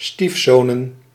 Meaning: plural of stiefzoon
- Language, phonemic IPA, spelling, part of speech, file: Dutch, /ˈstifsonə(n)/, stiefzonen, noun, Nl-stiefzonen.ogg